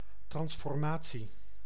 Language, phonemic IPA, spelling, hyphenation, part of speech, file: Dutch, /ˌtrɑns.fɔrˈmaː.(t)si/, transformatie, trans‧for‧ma‧tie, noun, Nl-transformatie.ogg
- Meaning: transformation